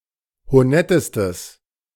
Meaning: strong/mixed nominative/accusative neuter singular superlative degree of honett
- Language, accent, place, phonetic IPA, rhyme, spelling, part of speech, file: German, Germany, Berlin, [hoˈnɛtəstəs], -ɛtəstəs, honettestes, adjective, De-honettestes.ogg